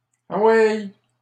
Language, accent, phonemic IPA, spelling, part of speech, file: French, Canada, /a.wɛj/, aweille, interjection, LL-Q150 (fra)-aweille.wav
- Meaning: alternative form of envoye